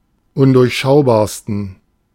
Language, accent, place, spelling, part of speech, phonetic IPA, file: German, Germany, Berlin, undurchschaubarsten, adjective, [ˈʊndʊʁçˌʃaʊ̯baːɐ̯stn̩], De-undurchschaubarsten.ogg
- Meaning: 1. superlative degree of undurchschaubar 2. inflection of undurchschaubar: strong genitive masculine/neuter singular superlative degree